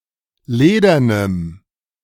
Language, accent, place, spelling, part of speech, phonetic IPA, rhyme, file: German, Germany, Berlin, ledernem, adjective, [ˈleːdɐnəm], -eːdɐnəm, De-ledernem.ogg
- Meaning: strong dative masculine/neuter singular of ledern